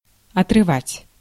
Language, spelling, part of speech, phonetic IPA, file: Russian, отрывать, verb, [ɐtrɨˈvatʲ], Ru-отрывать.ogg
- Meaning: 1. to tear/pull away 2. to tear from 3. to divert, to interrupt, to disturb 4. to separate 5. to unearth, to dig out 6. to disinter